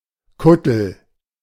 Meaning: tripe
- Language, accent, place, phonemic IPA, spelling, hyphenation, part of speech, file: German, Germany, Berlin, /ˈkʊtl̩/, Kuttel, Kut‧tel, noun, De-Kuttel.ogg